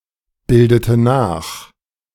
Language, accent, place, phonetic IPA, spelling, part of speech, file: German, Germany, Berlin, [ˌbɪldətə ˈnaːx], bildete nach, verb, De-bildete nach.ogg
- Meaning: inflection of nachbilden: 1. first/third-person singular preterite 2. first/third-person singular subjunctive II